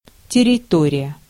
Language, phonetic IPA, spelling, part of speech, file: Russian, [tʲɪrʲɪˈtorʲɪjə], территория, noun, Ru-территория.ogg
- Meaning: territory